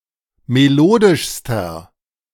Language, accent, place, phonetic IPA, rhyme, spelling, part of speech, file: German, Germany, Berlin, [meˈloːdɪʃstɐ], -oːdɪʃstɐ, melodischster, adjective, De-melodischster.ogg
- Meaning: inflection of melodisch: 1. strong/mixed nominative masculine singular superlative degree 2. strong genitive/dative feminine singular superlative degree 3. strong genitive plural superlative degree